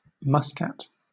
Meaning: 1. The capital city of Oman 2. The capital city of Oman.: The Omani government
- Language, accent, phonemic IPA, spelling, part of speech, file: English, Southern England, /ˈmʌskæt/, Muscat, proper noun, LL-Q1860 (eng)-Muscat.wav